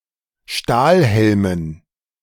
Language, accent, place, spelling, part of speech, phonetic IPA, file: German, Germany, Berlin, Stahlhelmen, noun, [ˈʃtaːlˌhɛlmən], De-Stahlhelmen.ogg
- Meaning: dative plural of Stahlhelm